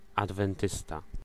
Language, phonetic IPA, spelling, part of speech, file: Polish, [ˌadvɛ̃nˈtɨsta], adwentysta, noun, Pl-adwentysta.ogg